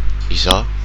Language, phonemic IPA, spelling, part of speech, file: Malagasy, /iˈzahu/, izaho, pronoun, Mg-izaho.ogg
- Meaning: I (personal pronoun)